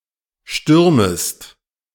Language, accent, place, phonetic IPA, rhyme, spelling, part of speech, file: German, Germany, Berlin, [ˈʃtʏʁməst], -ʏʁməst, stürmest, verb, De-stürmest.ogg
- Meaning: second-person singular subjunctive I of stürmen